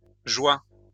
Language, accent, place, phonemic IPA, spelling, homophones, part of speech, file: French, France, Lyon, /ʒwa/, joies, joie, noun, LL-Q150 (fra)-joies.wav
- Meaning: plural of joie